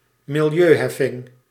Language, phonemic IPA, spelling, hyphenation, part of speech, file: Dutch, /mɪlˈjøːˌɦɛ.fɪŋ/, milieuheffing, mi‧li‧eu‧hef‧fing, noun, Nl-milieuheffing.ogg
- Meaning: environmental tax